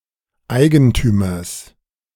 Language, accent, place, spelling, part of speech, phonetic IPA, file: German, Germany, Berlin, Eigentümers, noun, [ˈaɪ̯ɡəntyːmɐs], De-Eigentümers.ogg
- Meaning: genitive singular of Eigentümer